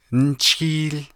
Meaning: it’s snowing
- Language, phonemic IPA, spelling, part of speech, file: Navajo, /ń̩t͡sʰíːl/, ńchííl, verb, Nv-ńchííl.ogg